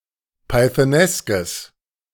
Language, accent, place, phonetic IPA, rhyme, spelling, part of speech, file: German, Germany, Berlin, [paɪ̯θəˈnɛskəs], -ɛskəs, pythoneskes, adjective, De-pythoneskes.ogg
- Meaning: strong/mixed nominative/accusative neuter singular of pythonesk